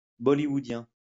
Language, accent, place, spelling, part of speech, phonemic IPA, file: French, France, Lyon, bollywoodien, adjective, /bɔ.li.wu.djɛ̃/, LL-Q150 (fra)-bollywoodien.wav
- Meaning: Bollywoodian